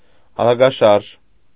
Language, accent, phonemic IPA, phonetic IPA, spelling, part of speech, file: Armenian, Eastern Armenian, /ɑɾɑɡɑˈʃɑɾʒ/, [ɑɾɑɡɑʃɑ́ɾʒ], արագաշարժ, adjective, Hy-արագաշարժ.ogg
- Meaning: quick, spry, nimble, brisk